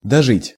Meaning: 1. to live, to remain alive, to survive (until), to live to see 2. to find oneself in a disgraceful condition 3. to stay, to spend (the rest of) 4. to use up the last of one's money
- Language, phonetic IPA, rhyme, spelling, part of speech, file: Russian, [dɐˈʐɨtʲ], -ɨtʲ, дожить, verb, Ru-дожить.ogg